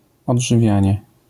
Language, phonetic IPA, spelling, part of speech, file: Polish, [ˌɔḍʒɨˈvʲjä̃ɲɛ], odżywianie, noun, LL-Q809 (pol)-odżywianie.wav